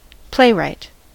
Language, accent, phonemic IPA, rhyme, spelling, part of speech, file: English, US, /ˈpleɪˌɹaɪt/, -eɪɹaɪt, playwright, noun, En-us-playwright.ogg
- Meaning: A writer and creator of theatrical plays